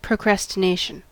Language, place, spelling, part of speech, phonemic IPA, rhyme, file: English, California, procrastination, noun, /pɹoʊˌkɹæs.tɪˈneɪ.ʃən/, -eɪʃən, En-us-procrastination.ogg
- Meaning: The act of postponing, delaying or putting off, especially habitually or intentionally